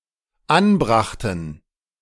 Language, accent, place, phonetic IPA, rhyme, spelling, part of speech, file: German, Germany, Berlin, [ˈanˌbʁaxtn̩], -anbʁaxtn̩, anbrachten, verb, De-anbrachten.ogg
- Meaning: first/third-person plural dependent preterite of anbringen